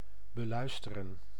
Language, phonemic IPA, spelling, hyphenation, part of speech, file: Dutch, /bəˈlœy̯stərə(n)/, beluisteren, be‧luis‧te‧ren, verb, Nl-beluisteren.ogg
- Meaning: to listen to